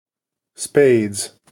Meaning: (noun) 1. plural of spade 2. One of the four suits of playing cards, marked with the symbol ♠ 3. A card game in which the spade suit cards are trumps
- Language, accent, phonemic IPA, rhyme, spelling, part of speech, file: English, General American, /speɪdz/, -eɪdz, spades, noun / verb, En-us-spades.ogg